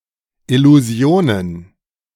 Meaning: plural of Illusion
- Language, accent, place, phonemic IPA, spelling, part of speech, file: German, Germany, Berlin, /ɪluˈzi̯oːnən/, Illusionen, noun, De-Illusionen.ogg